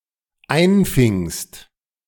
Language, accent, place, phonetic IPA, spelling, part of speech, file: German, Germany, Berlin, [ˈaɪ̯nˌfɪŋst], einfingst, verb, De-einfingst.ogg
- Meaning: second-person singular dependent preterite of einfangen